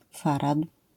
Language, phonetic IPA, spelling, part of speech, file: Polish, [ˈfarat], farad, noun, LL-Q809 (pol)-farad.wav